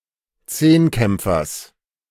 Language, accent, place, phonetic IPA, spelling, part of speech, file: German, Germany, Berlin, [ˈt͡seːnˌkɛmp͡fɐs], Zehnkämpfers, noun, De-Zehnkämpfers.ogg
- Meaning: genitive singular of Zehnkämpfer